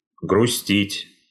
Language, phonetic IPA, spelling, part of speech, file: Russian, [ɡrʊˈsʲtʲitʲ], грустить, verb, Ru-грустить.ogg
- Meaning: to be sad, to mope, to grieve